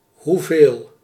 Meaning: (determiner) how much, how many
- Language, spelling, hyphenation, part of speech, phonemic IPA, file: Dutch, hoeveel, hoe‧veel, determiner / pronoun, /ɦuˈveːl/, Nl-hoeveel.ogg